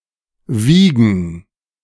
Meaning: 1. to weigh; to be of a certain weight 2. to weigh; to measure the weight of 3. to move (something) from side to side; to sway; to shake; to rock 4. to chop (e.g. herbs); to mince
- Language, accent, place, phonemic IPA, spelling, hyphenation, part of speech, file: German, Germany, Berlin, /ˈviːɡən/, wiegen, wie‧gen, verb, De-wiegen3.ogg